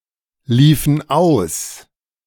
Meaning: inflection of auslaufen: 1. first/third-person plural preterite 2. first/third-person plural subjunctive II
- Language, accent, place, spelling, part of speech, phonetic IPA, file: German, Germany, Berlin, liefen aus, verb, [ˌliːfn̩ ˈaʊ̯s], De-liefen aus.ogg